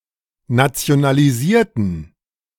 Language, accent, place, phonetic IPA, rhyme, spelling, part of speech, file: German, Germany, Berlin, [nat͡si̯onaliˈziːɐ̯tn̩], -iːɐ̯tn̩, nationalisierten, adjective / verb, De-nationalisierten.ogg
- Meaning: inflection of nationalisieren: 1. first/third-person plural preterite 2. first/third-person plural subjunctive II